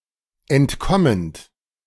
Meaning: present participle of entkommen
- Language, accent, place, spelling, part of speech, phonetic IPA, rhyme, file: German, Germany, Berlin, entkommend, verb, [ɛntˈkɔmənt], -ɔmənt, De-entkommend.ogg